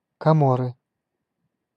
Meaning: Comoros (an archipelago and country in East Africa in the Indian Ocean)
- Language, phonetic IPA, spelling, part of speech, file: Russian, [kɐˈmorɨ], Коморы, proper noun, Ru-Коморы.ogg